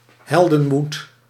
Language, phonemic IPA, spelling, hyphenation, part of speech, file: Dutch, /ˈɦɛl.də(n)ˌmut/, heldenmoed, hel‧den‧moed, noun, Nl-heldenmoed.ogg
- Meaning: heroic courage